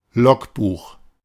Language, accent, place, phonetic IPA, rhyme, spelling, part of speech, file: German, Germany, Berlin, [ˈlɔkˌbuːx], -ɔkbuːx, Logbuch, noun, De-Logbuch.ogg
- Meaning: logbook